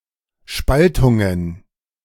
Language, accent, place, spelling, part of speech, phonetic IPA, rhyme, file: German, Germany, Berlin, Spaltungen, noun, [ˈʃpaltʊŋən], -altʊŋən, De-Spaltungen.ogg
- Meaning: plural of Spaltung